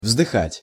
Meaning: 1. to sigh, to take breath 2. to long (for), to sigh (for), to pine (after, for), to yearn (after, for)
- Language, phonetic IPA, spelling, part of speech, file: Russian, [vzdɨˈxatʲ], вздыхать, verb, Ru-вздыхать.ogg